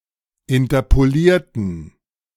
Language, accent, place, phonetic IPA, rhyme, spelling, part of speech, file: German, Germany, Berlin, [ɪntɐpoˈliːɐ̯tn̩], -iːɐ̯tn̩, interpolierten, adjective / verb, De-interpolierten.ogg
- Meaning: inflection of interpolieren: 1. first/third-person plural preterite 2. first/third-person plural subjunctive II